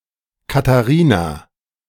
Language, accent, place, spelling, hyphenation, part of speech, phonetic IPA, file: German, Germany, Berlin, Katharina, Ka‧tha‧ri‧na, proper noun, [kataˈʁiːna], De-Katharina2.ogg
- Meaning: a female given name, equivalent to English Catherine